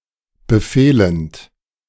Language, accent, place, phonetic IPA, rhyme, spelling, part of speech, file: German, Germany, Berlin, [bəˈfeːlənt], -eːlənt, befehlend, verb, De-befehlend.ogg
- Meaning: present participle of befehlen